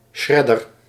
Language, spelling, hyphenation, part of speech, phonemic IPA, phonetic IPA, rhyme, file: Dutch, shredder, shred‧der, noun, /ˈʃrɛ.dər/, [ˈʃɹɛ.dər], -ɛdər, Nl-shredder.ogg
- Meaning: 1. a shredder, a machine that shreds material into smaller pieces 2. a shredder, one who plays guitar solos in the shredding style